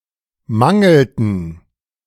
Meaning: inflection of mangeln: 1. first/third-person plural preterite 2. first/third-person plural subjunctive II
- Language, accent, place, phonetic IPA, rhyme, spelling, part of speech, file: German, Germany, Berlin, [ˈmaŋl̩tn̩], -aŋl̩tn̩, mangelten, verb, De-mangelten.ogg